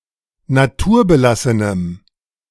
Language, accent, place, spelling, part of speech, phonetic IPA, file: German, Germany, Berlin, naturbelassenem, adjective, [naˈtuːɐ̯bəˌlasənəm], De-naturbelassenem.ogg
- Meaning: strong dative masculine/neuter singular of naturbelassen